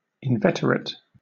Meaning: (adjective) 1. Firmly established from having been around for a long time; of long standing 2. Having had a habit (usually a bad habit) for a long time 3. Malignant; virulent; spiteful
- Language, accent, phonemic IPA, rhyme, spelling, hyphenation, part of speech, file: English, Southern England, /ɪnˈvɛtəɹɪt/, -ɛtəɹɪt, inveterate, in‧vet‧er‧ate, adjective / verb, LL-Q1860 (eng)-inveterate.wav